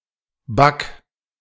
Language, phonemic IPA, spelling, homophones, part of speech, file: German, /bak/, Bug, back / Back, noun, De-Bug2.ogg
- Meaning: bug